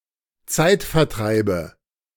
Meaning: nominative/accusative/genitive plural of Zeitvertreib
- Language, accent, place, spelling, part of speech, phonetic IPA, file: German, Germany, Berlin, Zeitvertreibe, noun, [ˈt͡saɪ̯tfɛɐ̯ˌtʁaɪ̯bə], De-Zeitvertreibe.ogg